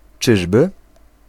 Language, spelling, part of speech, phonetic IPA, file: Polish, czyżby, particle / interjection, [ˈt͡ʃɨʒbɨ], Pl-czyżby.ogg